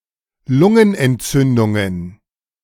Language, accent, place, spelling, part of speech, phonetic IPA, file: German, Germany, Berlin, Lungenentzündungen, noun, [ˈlʊŋənʔɛntˌt͡sʏndʊŋən], De-Lungenentzündungen.ogg
- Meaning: plural of Lungenentzündung